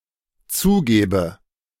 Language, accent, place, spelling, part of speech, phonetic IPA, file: German, Germany, Berlin, zugäbe, verb, [ˈt͡suːˌɡɛːbə], De-zugäbe.ogg
- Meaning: first/third-person singular dependent subjunctive II of zugeben